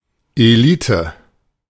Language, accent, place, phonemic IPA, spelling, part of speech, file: German, Germany, Berlin, /eˈliːtə/, Elite, noun, De-Elite.ogg
- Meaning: elite